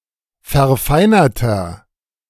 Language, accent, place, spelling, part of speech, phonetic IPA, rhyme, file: German, Germany, Berlin, verfeinerter, adjective, [fɛɐ̯ˈfaɪ̯nɐtɐ], -aɪ̯nɐtɐ, De-verfeinerter.ogg
- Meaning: inflection of verfeinert: 1. strong/mixed nominative masculine singular 2. strong genitive/dative feminine singular 3. strong genitive plural